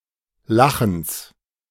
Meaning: genitive singular of Lachen
- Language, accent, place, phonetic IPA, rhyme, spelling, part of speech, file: German, Germany, Berlin, [ˈlaxn̩s], -axn̩s, Lachens, noun, De-Lachens.ogg